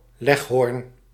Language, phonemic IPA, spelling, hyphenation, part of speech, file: Dutch, /ˈlɛx.ɦɔrn/, leghorn, leg‧horn, noun, Nl-leghorn.ogg
- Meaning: leghorn, breed of chicken from Livorno